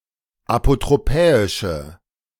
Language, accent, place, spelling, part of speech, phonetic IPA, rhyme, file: German, Germany, Berlin, apotropäische, adjective, [apotʁoˈpɛːɪʃə], -ɛːɪʃə, De-apotropäische.ogg
- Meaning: inflection of apotropäisch: 1. strong/mixed nominative/accusative feminine singular 2. strong nominative/accusative plural 3. weak nominative all-gender singular